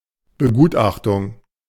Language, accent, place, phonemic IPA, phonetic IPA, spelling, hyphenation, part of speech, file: German, Germany, Berlin, /bəˈɡuːtˌaχtʊŋ/, [bəˈɡuːtˌʔaχtʊŋ], Begutachtung, Be‧gut‧ach‧tung, noun, De-Begutachtung.ogg
- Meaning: assessment